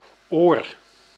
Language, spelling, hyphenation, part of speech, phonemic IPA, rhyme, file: Dutch, oor, oor, noun, /oːr/, -oːr, Nl-oor.ogg
- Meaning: 1. ear 2. handle (of cup, mug)